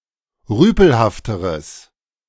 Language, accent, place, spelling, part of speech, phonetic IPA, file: German, Germany, Berlin, rüpelhafteres, adjective, [ˈʁyːpl̩haftəʁəs], De-rüpelhafteres.ogg
- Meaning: strong/mixed nominative/accusative neuter singular comparative degree of rüpelhaft